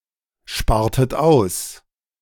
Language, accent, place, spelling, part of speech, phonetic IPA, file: German, Germany, Berlin, spartet aus, verb, [ˌʃpaːɐ̯tət ˈaʊ̯s], De-spartet aus.ogg
- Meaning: inflection of aussparen: 1. second-person plural preterite 2. second-person plural subjunctive II